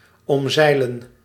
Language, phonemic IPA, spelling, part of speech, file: Dutch, /ɔmˈzɛi̯.lə(n)/, omzeilen, verb, Nl-omzeilen.ogg
- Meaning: to get around, bypass